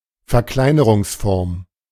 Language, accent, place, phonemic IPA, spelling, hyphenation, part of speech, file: German, Germany, Berlin, /ˌfɛɐ̯ˈklaɪ̯nəʁʊŋsfɔɐ̯m/, Verkleinerungsform, Ver‧klei‧ne‧rungs‧form, noun, De-Verkleinerungsform.ogg
- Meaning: diminutive noun or form (e.g. with -chen, -lein)